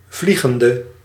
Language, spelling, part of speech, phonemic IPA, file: Dutch, vliegende, verb, /ˈvli.ɣən.də/, Nl-vliegende.ogg
- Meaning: inflection of vliegend: 1. masculine/feminine singular attributive 2. definite neuter singular attributive 3. plural attributive